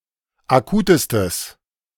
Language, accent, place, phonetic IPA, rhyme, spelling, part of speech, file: German, Germany, Berlin, [aˈkuːtəstəs], -uːtəstəs, akutestes, adjective, De-akutestes.ogg
- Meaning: strong/mixed nominative/accusative neuter singular superlative degree of akut